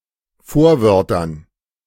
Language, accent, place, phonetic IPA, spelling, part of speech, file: German, Germany, Berlin, [ˈfoːɐ̯ˌvœʁtɐn], Vorwörtern, noun, De-Vorwörtern.ogg
- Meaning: dative plural of Vorwort